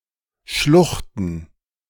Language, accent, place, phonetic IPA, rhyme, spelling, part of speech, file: German, Germany, Berlin, [ˈʃlʊxtn̩], -ʊxtn̩, Schluchten, noun, De-Schluchten.ogg
- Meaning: plural of Schlucht